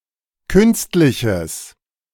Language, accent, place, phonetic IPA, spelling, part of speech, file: German, Germany, Berlin, [ˈkʏnstlɪçəs], künstliches, adjective, De-künstliches.ogg
- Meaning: strong/mixed nominative/accusative neuter singular of künstlich